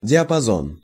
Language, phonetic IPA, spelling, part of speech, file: Russian, [dʲɪəpɐˈzon], диапазон, noun, Ru-диапазон.ogg
- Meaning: range; (radio) band; gamut